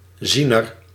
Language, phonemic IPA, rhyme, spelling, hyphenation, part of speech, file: Dutch, /ˈzinər/, -inər, ziener, zie‧ner, noun, Nl-ziener.ogg
- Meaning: prophet, seer